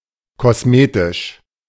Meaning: cosmetic
- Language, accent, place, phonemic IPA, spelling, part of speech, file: German, Germany, Berlin, /ˌkɔsˈmeːtɪʃ/, kosmetisch, adjective, De-kosmetisch.ogg